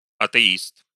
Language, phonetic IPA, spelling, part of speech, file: Russian, [ɐtɨˈist], атеист, noun, Ru-атеи́ст.ogg
- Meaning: atheist